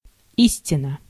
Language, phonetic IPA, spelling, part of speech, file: Russian, [ˈisʲtʲɪnə], истина, noun, Ru-истина.ogg
- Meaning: 1. truth 2. verity, reality 3. truism